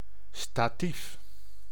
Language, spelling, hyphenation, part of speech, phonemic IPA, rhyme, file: Dutch, statief, sta‧tief, noun, /staːˈtif/, -if, Nl-statief.ogg
- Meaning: a tripod serving as an optic - or other device's three-legged stand or mount